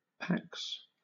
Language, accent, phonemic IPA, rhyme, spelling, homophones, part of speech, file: English, Southern England, /pæks/, -æks, pax, packs, noun / interjection, LL-Q1860 (eng)-pax.wav